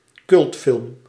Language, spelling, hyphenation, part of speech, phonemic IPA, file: Dutch, cultfilm, cult‧film, noun, /ˈkʏlt.fɪlm/, Nl-cultfilm.ogg
- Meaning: cult film